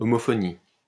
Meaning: homophony
- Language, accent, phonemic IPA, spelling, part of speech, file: French, France, /ɔ.mɔ.fɔ.ni/, homophonie, noun, LL-Q150 (fra)-homophonie.wav